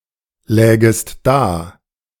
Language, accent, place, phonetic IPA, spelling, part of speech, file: German, Germany, Berlin, [ˌlɛːɡəst ˈdaː], lägest da, verb, De-lägest da.ogg
- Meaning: second-person singular subjunctive II of daliegen